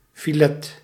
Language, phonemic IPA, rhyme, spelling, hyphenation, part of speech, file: Dutch, /fiˈleː/, -eː, filet, fi‧let, noun, Nl-filet.ogg
- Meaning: filet (compact piece of meat or fish)